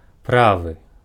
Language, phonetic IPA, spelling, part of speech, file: Belarusian, [ˈpravɨ], правы, adjective, Be-правы.ogg
- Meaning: 1. right (direction) 2. right, correct